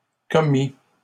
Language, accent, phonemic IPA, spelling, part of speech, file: French, Canada, /kɔ.mi/, commit, verb, LL-Q150 (fra)-commit.wav
- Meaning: third-person singular past historic of commettre